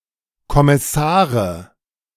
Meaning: nominative/accusative/genitive plural of Kommissar
- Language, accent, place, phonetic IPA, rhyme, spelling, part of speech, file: German, Germany, Berlin, [kɔmɪˈsaːʁə], -aːʁə, Kommissare, noun, De-Kommissare.ogg